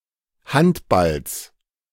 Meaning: genitive of Handball
- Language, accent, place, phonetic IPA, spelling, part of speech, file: German, Germany, Berlin, [ˈhantˌbals], Handballs, noun, De-Handballs.ogg